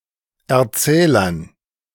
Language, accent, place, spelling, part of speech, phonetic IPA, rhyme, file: German, Germany, Berlin, Erzählern, noun, [ɛɐ̯ˈt͡sɛːlɐn], -ɛːlɐn, De-Erzählern.ogg
- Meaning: dative plural of Erzähler